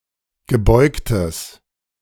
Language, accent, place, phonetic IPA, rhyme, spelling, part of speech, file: German, Germany, Berlin, [ɡəˈbɔɪ̯ktəs], -ɔɪ̯ktəs, gebeugtes, adjective, De-gebeugtes.ogg
- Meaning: strong/mixed nominative/accusative neuter singular of gebeugt